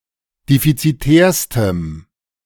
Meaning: strong dative masculine/neuter singular superlative degree of defizitär
- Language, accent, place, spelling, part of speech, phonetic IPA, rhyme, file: German, Germany, Berlin, defizitärstem, adjective, [ˌdefit͡siˈtɛːɐ̯stəm], -ɛːɐ̯stəm, De-defizitärstem.ogg